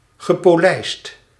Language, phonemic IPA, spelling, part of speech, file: Dutch, /ɣəpoˈlɛist/, gepolijst, verb / adjective, Nl-gepolijst.ogg
- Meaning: past participle of polijsten